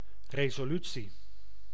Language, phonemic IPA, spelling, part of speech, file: Dutch, /reː.zoːˈly.tsi/, resolutie, noun, Nl-resolutie.ogg
- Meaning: 1. resolution (official decision) 2. resolution (degree of visual fineness)